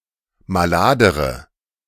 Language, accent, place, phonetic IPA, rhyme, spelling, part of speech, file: German, Germany, Berlin, [maˈlaːdəʁə], -aːdəʁə, maladere, adjective, De-maladere.ogg
- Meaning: inflection of malad: 1. strong/mixed nominative/accusative feminine singular comparative degree 2. strong nominative/accusative plural comparative degree